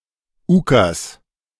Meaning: 1. ukase (proclamation from the Russian ruler) 2. any decree, rule, command
- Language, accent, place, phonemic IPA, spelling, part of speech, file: German, Germany, Berlin, /ˈuːkas/, Ukas, noun, De-Ukas.ogg